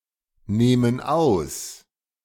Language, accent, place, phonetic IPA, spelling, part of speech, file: German, Germany, Berlin, [ˌneːmən ˈaʊ̯s], nehmen aus, verb, De-nehmen aus.ogg
- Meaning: inflection of ausnehmen: 1. first/third-person plural present 2. first/third-person plural subjunctive I